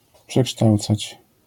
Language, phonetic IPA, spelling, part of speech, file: Polish, [pʃɛˈkʃtawt͡sat͡ɕ], przekształcać, verb, LL-Q809 (pol)-przekształcać.wav